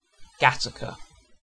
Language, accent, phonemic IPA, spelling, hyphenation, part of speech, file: English, UK, /ˈɡatəkə/, Gateacre, Ga‧tea‧cre, proper noun, En-uk-Gateacre.ogg
- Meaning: A suburb in the City of Liverpool, Merseyside, England (OS grid ref SJ4288)